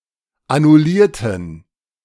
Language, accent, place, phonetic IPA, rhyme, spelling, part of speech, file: German, Germany, Berlin, [anʊˈliːɐ̯tn̩], -iːɐ̯tn̩, annullierten, adjective / verb, De-annullierten.ogg
- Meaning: inflection of annullieren: 1. first/third-person plural preterite 2. first/third-person plural subjunctive II